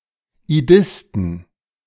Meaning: plural of Idist
- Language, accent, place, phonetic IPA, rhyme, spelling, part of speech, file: German, Germany, Berlin, [iˈdɪstn̩], -ɪstn̩, Idisten, noun, De-Idisten.ogg